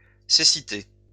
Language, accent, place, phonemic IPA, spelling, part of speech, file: French, France, Lyon, /se.si.te/, cécités, noun, LL-Q150 (fra)-cécités.wav
- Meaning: plural of cécité